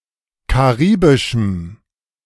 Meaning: strong dative masculine/neuter singular of karibisch
- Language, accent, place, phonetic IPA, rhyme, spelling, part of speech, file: German, Germany, Berlin, [kaˈʁiːbɪʃm̩], -iːbɪʃm̩, karibischem, adjective, De-karibischem.ogg